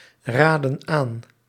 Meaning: inflection of aanraden: 1. plural present indicative 2. plural present subjunctive
- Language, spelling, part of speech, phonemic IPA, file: Dutch, raden aan, verb, /ˈradə(n) ˈan/, Nl-raden aan.ogg